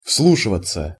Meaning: to listen attentively (to)
- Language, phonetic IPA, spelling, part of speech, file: Russian, [ˈfsɫuʂɨvət͡sə], вслушиваться, verb, Ru-вслушиваться.ogg